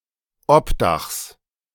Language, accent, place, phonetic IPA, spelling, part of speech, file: German, Germany, Berlin, [ˈɔpˌdaxs], Obdachs, noun, De-Obdachs.ogg
- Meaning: genitive singular of Obdach